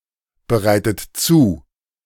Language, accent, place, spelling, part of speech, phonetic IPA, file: German, Germany, Berlin, bereitet zu, verb, [bəˌʁaɪ̯tət ˈt͡suː], De-bereitet zu.ogg
- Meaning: inflection of zubereiten: 1. third-person singular present 2. second-person plural present 3. second-person plural subjunctive I 4. plural imperative